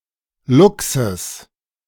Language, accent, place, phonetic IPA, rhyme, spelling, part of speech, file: German, Germany, Berlin, [ˈlʊksəs], -ʊksəs, Luchses, noun, De-Luchses.ogg
- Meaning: genitive singular of Luchs